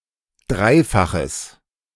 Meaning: strong/mixed nominative/accusative neuter singular of dreifach
- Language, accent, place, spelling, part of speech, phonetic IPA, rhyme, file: German, Germany, Berlin, dreifaches, adjective, [ˈdʁaɪ̯faxəs], -aɪ̯faxəs, De-dreifaches.ogg